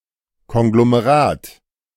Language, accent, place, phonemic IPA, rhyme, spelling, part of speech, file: German, Germany, Berlin, /kɔŋɡlomeˈʁaːt/, -aːt, Konglomerat, noun, De-Konglomerat.ogg
- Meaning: 1. conglomerate (rock consisting of gravel or pebbles) 2. conglomerate (cluster of heterogeneous things) 3. conglomerate